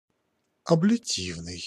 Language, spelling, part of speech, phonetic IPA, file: Russian, аблятивный, adjective, [ɐblʲɪˈtʲivnɨj], Ru-аблятивный.ogg
- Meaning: ablative (in various senses)